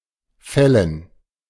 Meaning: 1. gerund of fällen 2. dative plural of Fall
- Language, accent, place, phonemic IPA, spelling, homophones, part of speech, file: German, Germany, Berlin, /ˈfɛlən/, Fällen, Fellen, noun, De-Fällen.ogg